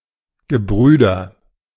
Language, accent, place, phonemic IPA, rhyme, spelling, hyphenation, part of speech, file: German, Germany, Berlin, /ɡəˈbʁyːdɐ/, -yːdɐ, Gebrüder, Ge‧brü‧der, noun, De-Gebrüder.ogg
- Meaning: brothers, brethren